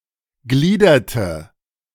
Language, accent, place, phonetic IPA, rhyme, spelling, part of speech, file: German, Germany, Berlin, [ˈɡliːdɐtə], -iːdɐtə, gliederte, verb, De-gliederte.ogg
- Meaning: inflection of gliedern: 1. first/third-person singular preterite 2. first/third-person singular subjunctive II